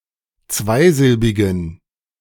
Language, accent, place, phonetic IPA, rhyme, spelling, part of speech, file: German, Germany, Berlin, [ˈt͡svaɪ̯ˌzɪlbɪɡn̩], -aɪ̯zɪlbɪɡn̩, zweisilbigen, adjective, De-zweisilbigen.ogg
- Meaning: inflection of zweisilbig: 1. strong genitive masculine/neuter singular 2. weak/mixed genitive/dative all-gender singular 3. strong/weak/mixed accusative masculine singular 4. strong dative plural